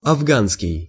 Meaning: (adjective) Afghan, Afghani; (noun) Pashto language
- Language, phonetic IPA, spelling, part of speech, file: Russian, [ɐvˈɡanskʲɪj], афганский, adjective / noun, Ru-афганский.ogg